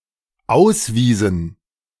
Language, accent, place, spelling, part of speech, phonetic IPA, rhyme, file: German, Germany, Berlin, auswiesen, verb, [ˈaʊ̯sˌviːzn̩], -aʊ̯sviːzn̩, De-auswiesen.ogg
- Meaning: inflection of ausweisen: 1. first/third-person plural dependent preterite 2. first/third-person plural dependent subjunctive II